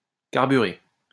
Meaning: past participle of carburer
- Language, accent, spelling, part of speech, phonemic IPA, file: French, France, carburé, verb, /kaʁ.by.ʁe/, LL-Q150 (fra)-carburé.wav